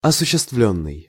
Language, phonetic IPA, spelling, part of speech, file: Russian, [ɐsʊɕːɪstˈvlʲɵnːɨj], осуществлённый, verb, Ru-осуществлённый.ogg
- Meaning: past passive perfective participle of осуществи́ть (osuščestvítʹ)